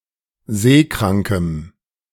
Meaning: strong dative masculine/neuter singular of seekrank
- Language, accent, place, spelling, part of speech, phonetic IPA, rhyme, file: German, Germany, Berlin, seekrankem, adjective, [ˈzeːˌkʁaŋkəm], -eːkʁaŋkəm, De-seekrankem.ogg